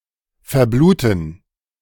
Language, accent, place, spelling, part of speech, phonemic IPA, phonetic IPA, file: German, Germany, Berlin, verbluten, verb, /fɛʁˈbluːtən/, [fɛɐ̯ˈbluːtn̩], De-verbluten.ogg
- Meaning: to bleed to death, to bleed out (die from loss of blood)